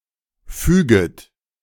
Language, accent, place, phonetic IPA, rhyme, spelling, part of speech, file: German, Germany, Berlin, [ˈfyːɡət], -yːɡət, füget, verb, De-füget.ogg
- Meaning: second-person plural subjunctive I of fügen